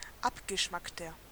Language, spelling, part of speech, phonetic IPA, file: German, abgeschmackter, adjective, [ˈapɡəˌʃmaktɐ], De-abgeschmackter.ogg
- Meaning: 1. comparative degree of abgeschmackt 2. inflection of abgeschmackt: strong/mixed nominative masculine singular 3. inflection of abgeschmackt: strong genitive/dative feminine singular